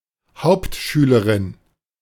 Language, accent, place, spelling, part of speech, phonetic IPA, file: German, Germany, Berlin, Hauptschülerin, noun, [ˈhaʊ̯ptˌʃyːləʁɪn], De-Hauptschülerin.ogg
- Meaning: female equivalent of Hauptschüler